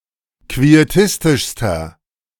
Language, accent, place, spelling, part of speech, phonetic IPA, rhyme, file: German, Germany, Berlin, quietistischster, adjective, [kvieˈtɪstɪʃstɐ], -ɪstɪʃstɐ, De-quietistischster.ogg
- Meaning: inflection of quietistisch: 1. strong/mixed nominative masculine singular superlative degree 2. strong genitive/dative feminine singular superlative degree 3. strong genitive plural superlative degree